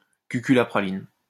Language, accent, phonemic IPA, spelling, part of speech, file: French, France, /ky.ky la pʁa.lin/, cucul la praline, adjective, LL-Q150 (fra)-cucul la praline.wav
- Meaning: mushy, slushy, hokey, kitschy, cheesy, corny, sappy, soppy, schmaltzy, syrupy, saccharine, maudlin, sentimental